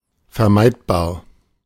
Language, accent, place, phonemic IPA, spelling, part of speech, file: German, Germany, Berlin, /fɛɐ̯ˈmaɪ̯tbaːɐ̯/, vermeidbar, adjective, De-vermeidbar.ogg
- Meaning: avoidable